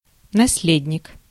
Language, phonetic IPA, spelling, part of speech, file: Russian, [nɐs⁽ʲ⁾ˈlʲedʲnʲɪk], наследник, noun, Ru-наследник.ogg
- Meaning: successor, heir, legatee (someone who inherits, or is designated to inherit, the property of another)